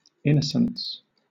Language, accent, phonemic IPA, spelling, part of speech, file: English, Southern England, /ˈɪnəsn̩s/, innocence, noun, LL-Q1860 (eng)-innocence.wav
- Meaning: 1. Absence of responsibility for a crime, tort, etc 2. Lack of understanding about sensitive subjects such as sexuality and crime 3. Lack of ability or intention to harm or damage